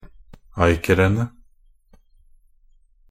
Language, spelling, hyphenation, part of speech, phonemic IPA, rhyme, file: Norwegian Bokmål, acrene, a‧cr‧en‧e, noun, /ˈæɪkərənə/, -ənə, Nb-acrene.ogg
- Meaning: definite plural of acre